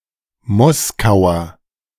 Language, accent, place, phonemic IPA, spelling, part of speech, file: German, Germany, Berlin, /ˈmɔskaʊ̯ɐ/, Moskauer, noun, De-Moskauer.ogg
- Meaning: Muscovite